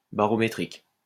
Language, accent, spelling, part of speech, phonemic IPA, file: French, France, barométrique, adjective, /ba.ʁɔ.me.tʁik/, LL-Q150 (fra)-barométrique.wav
- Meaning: barometric